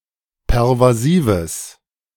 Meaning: strong/mixed nominative/accusative neuter singular of pervasiv
- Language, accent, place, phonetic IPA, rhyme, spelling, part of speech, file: German, Germany, Berlin, [pɛʁvaˈziːvəs], -iːvəs, pervasives, adjective, De-pervasives.ogg